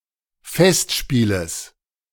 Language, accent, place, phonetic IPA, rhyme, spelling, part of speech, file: German, Germany, Berlin, [ˈfɛstˌʃpiːləs], -ɛstʃpiːləs, Festspieles, noun, De-Festspieles.ogg
- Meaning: genitive of Festspiel